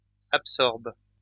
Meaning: second-person singular present indicative/subjunctive of absorber
- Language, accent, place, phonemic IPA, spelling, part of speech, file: French, France, Lyon, /ap.sɔʁb/, absorbes, verb, LL-Q150 (fra)-absorbes.wav